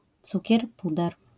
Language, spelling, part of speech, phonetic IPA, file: Polish, cukier puder, noun, [ˈt͡sucɛr ˈpudɛr], LL-Q809 (pol)-cukier puder.wav